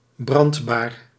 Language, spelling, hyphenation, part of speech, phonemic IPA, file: Dutch, brandbaar, brand‧baar, adjective, /ˈbrɑnt.baːr/, Nl-brandbaar.ogg
- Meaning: flammable